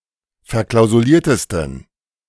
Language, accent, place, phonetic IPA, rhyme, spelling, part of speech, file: German, Germany, Berlin, [fɛɐ̯ˌklaʊ̯zuˈliːɐ̯təstn̩], -iːɐ̯təstn̩, verklausuliertesten, adjective, De-verklausuliertesten.ogg
- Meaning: 1. superlative degree of verklausuliert 2. inflection of verklausuliert: strong genitive masculine/neuter singular superlative degree